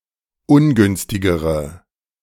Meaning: inflection of ungünstig: 1. strong/mixed nominative/accusative feminine singular comparative degree 2. strong nominative/accusative plural comparative degree
- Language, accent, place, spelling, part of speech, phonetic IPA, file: German, Germany, Berlin, ungünstigere, adjective, [ˈʊnˌɡʏnstɪɡəʁə], De-ungünstigere.ogg